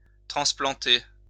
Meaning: 1. to transplant (uproot and replant (a plant)) 2. to transplant (change an organ)
- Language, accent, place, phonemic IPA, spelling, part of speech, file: French, France, Lyon, /tʁɑ̃s.plɑ̃.te/, transplanter, verb, LL-Q150 (fra)-transplanter.wav